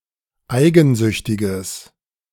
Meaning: strong/mixed nominative/accusative neuter singular of eigensüchtig
- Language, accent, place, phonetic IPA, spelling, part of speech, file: German, Germany, Berlin, [ˈaɪ̯ɡn̩ˌzʏçtɪɡəs], eigensüchtiges, adjective, De-eigensüchtiges.ogg